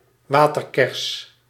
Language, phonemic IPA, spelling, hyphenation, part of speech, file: Dutch, /ˈʋaː.tərˌkɛrs/, waterkers, wa‧ter‧kers, noun, Nl-waterkers.ogg
- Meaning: watercress, plant of the genus Nasturtium